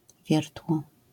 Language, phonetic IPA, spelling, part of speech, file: Polish, [ˈvʲjɛrtwɔ], wiertło, noun, LL-Q809 (pol)-wiertło.wav